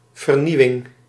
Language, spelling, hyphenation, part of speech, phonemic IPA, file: Dutch, vernieuwing, ver‧nieu‧wing, noun, /vərˈniwɪŋ/, Nl-vernieuwing.ogg
- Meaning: innovation